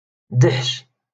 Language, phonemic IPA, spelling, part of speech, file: Moroccan Arabic, /daħʃ/, دحش, noun, LL-Q56426 (ary)-دحش.wav
- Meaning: young donkey